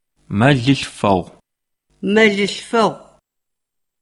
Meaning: April
- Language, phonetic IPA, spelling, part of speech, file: Adyghe, [maləɬfaʁʷəmaːz], мэлылъфэгъумаз, noun, CircassianMonth4.ogg